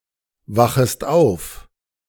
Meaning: second-person singular subjunctive I of aufwachen
- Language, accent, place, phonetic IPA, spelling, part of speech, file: German, Germany, Berlin, [ˌvaxəst ˈaʊ̯f], wachest auf, verb, De-wachest auf.ogg